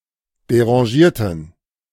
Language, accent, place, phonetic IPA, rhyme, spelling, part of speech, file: German, Germany, Berlin, [deʁɑ̃ˈʒiːɐ̯tn̩], -iːɐ̯tn̩, derangierten, adjective / verb, De-derangierten.ogg
- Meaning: inflection of derangiert: 1. strong genitive masculine/neuter singular 2. weak/mixed genitive/dative all-gender singular 3. strong/weak/mixed accusative masculine singular 4. strong dative plural